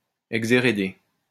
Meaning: to disinherit
- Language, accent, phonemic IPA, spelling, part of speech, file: French, France, /ɛɡ.ze.ʁe.de/, exhéréder, verb, LL-Q150 (fra)-exhéréder.wav